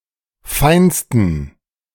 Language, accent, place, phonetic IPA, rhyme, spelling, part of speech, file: German, Germany, Berlin, [ˈfaɪ̯nstn̩], -aɪ̯nstn̩, feinsten, adjective, De-feinsten.ogg
- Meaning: 1. superlative degree of fein 2. inflection of fein: strong genitive masculine/neuter singular superlative degree